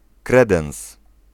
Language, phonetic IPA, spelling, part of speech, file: Polish, [ˈkrɛdɛ̃w̃s], kredens, noun, Pl-kredens.ogg